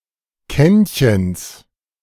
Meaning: genitive of Kännchen
- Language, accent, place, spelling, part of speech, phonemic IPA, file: German, Germany, Berlin, Kännchens, noun, /ˈkɛn.çən/, De-Kännchens.ogg